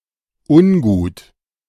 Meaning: not good, not quite right, uneasy, unpleasant, bad
- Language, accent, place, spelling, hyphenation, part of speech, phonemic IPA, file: German, Germany, Berlin, ungut, un‧gut, adjective, /ˈʊnˌɡuːt/, De-ungut.ogg